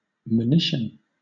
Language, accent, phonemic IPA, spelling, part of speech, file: English, Southern England, /məˈnɪʃn̩/, monition, noun, LL-Q1860 (eng)-monition.wav
- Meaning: 1. A caution or warning 2. A legal notification of something 3. A sign of impending danger; an omen